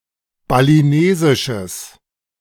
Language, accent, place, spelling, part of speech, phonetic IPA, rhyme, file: German, Germany, Berlin, balinesisches, adjective, [baliˈneːzɪʃəs], -eːzɪʃəs, De-balinesisches.ogg
- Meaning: strong/mixed nominative/accusative neuter singular of balinesisch